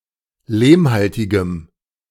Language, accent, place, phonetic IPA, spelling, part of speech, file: German, Germany, Berlin, [ˈleːmˌhaltɪɡəm], lehmhaltigem, adjective, De-lehmhaltigem.ogg
- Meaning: strong dative masculine/neuter singular of lehmhaltig